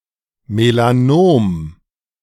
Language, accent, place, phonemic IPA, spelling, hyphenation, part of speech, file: German, Germany, Berlin, /melaˈnoːm/, Melanom, Me‧la‧nom, noun, De-Melanom.ogg
- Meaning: melanoma